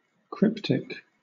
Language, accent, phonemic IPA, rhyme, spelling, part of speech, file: English, Southern England, /ˈkɹɪptɪk/, -ɪptɪk, cryptic, adjective / noun, LL-Q1860 (eng)-cryptic.wav
- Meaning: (adjective) 1. Having hidden (unapparent) meaning 2. Mystified or of an obscure nature; not easy to perceive 3. Involving use of a code or cipher